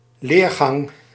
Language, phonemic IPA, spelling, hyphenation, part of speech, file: Dutch, /ˈleːr.ɣɑŋ/, leergang, leer‧gang, noun, Nl-leergang.ogg
- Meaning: 1. course, education 2. educational method